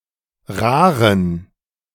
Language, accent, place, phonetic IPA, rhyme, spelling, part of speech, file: German, Germany, Berlin, [ˈʁaːʁən], -aːʁən, raren, adjective, De-raren.ogg
- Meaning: inflection of rar: 1. strong genitive masculine/neuter singular 2. weak/mixed genitive/dative all-gender singular 3. strong/weak/mixed accusative masculine singular 4. strong dative plural